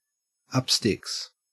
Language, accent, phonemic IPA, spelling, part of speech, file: English, Australia, /ˌʌp ˈstɪks/, up sticks, verb, En-au-up sticks.ogg
- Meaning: 1. To put up the mast of a ship in preparation for sailing 2. To prepare to move; to pack up; to go and live in a different place